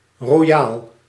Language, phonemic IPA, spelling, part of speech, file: Dutch, /roˈjal/, royaal, adjective, Nl-royaal.ogg
- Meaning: 1. generous, munificent 2. copious, lavish 3. large, huge